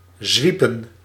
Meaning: to sway, to rock
- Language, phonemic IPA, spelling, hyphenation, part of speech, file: Dutch, /ˈzʋi.pə(n)/, zwiepen, zwie‧pen, verb, Nl-zwiepen.ogg